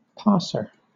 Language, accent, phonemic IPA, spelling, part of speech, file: English, Southern England, /ˈpɑːsə/, passer, noun, LL-Q1860 (eng)-passer.wav
- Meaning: 1. One who succeeds in passing a test, etc 2. One who passes something along; a distributor 3. Someone who passes, someone who makes a pass